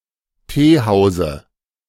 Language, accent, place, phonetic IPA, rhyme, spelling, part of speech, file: German, Germany, Berlin, [ˈteːˌhaʊ̯zə], -eːhaʊ̯zə, Teehause, noun, De-Teehause.ogg
- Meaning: dative of Teehaus